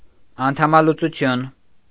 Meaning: 1. paralysis 2. amputation
- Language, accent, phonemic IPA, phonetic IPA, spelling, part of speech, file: Armenian, Eastern Armenian, /ɑntʰɑmɑlut͡suˈtʰjun/, [ɑntʰɑmɑlut͡sut͡sʰjún], անդամալուծություն, noun, Hy-անդամալուծություն.ogg